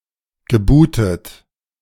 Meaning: past participle of booten
- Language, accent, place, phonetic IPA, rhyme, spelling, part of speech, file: German, Germany, Berlin, [ɡəˈbuːtət], -uːtət, gebootet, verb, De-gebootet.ogg